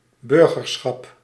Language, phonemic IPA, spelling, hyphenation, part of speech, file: Dutch, /ˈbʏr.ɣərˌsxɑp/, burgerschap, bur‧ger‧schap, noun, Nl-burgerschap.ogg
- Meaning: citizenship